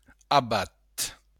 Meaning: abbot
- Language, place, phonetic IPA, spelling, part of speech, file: Occitan, Béarn, [aˈβat], abat, noun, LL-Q14185 (oci)-abat.wav